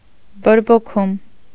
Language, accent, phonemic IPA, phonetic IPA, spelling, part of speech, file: Armenian, Eastern Armenian, /boɾboˈkʰum/, [boɾbokʰúm], բորբոքում, noun, Hy-բորբոքում.ogg
- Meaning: inflammation